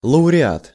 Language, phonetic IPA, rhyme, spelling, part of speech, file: Russian, [ɫəʊrʲɪˈat], -at, лауреат, noun, Ru-лауреат.ogg
- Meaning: laureate, prizewinner